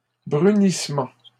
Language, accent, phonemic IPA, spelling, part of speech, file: French, Canada, /bʁy.nis.mɑ̃/, brunissement, noun, LL-Q150 (fra)-brunissement.wav
- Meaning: browning (of food, foliage etc)